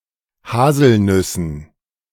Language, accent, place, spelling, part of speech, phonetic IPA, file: German, Germany, Berlin, Haselnüssen, noun, [ˈhaːzl̩ˌnʏsn̩], De-Haselnüssen.ogg
- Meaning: dative plural of Haselnuss